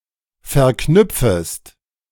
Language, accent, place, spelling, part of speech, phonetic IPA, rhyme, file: German, Germany, Berlin, verknüpfest, verb, [fɛɐ̯ˈknʏp͡fəst], -ʏp͡fəst, De-verknüpfest.ogg
- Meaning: second-person singular subjunctive I of verknüpfen